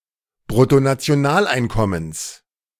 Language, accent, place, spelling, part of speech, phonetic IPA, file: German, Germany, Berlin, Bruttonationaleinkommens, noun, [bʁʊtonat͡si̯oˈnaːlˌaɪ̯nkɔməns], De-Bruttonationaleinkommens.ogg
- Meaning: genitive singular of Bruttonationaleinkommen